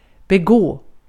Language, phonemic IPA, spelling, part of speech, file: Swedish, /bɛˈɡoː/, begå, verb, Sv-begå.ogg
- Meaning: to commit, to perpetrate (perform, carry out)